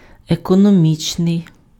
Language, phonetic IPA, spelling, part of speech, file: Ukrainian, [ekɔnoˈmʲit͡ʃnei̯], економічний, adjective, Uk-економічний.ogg
- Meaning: economic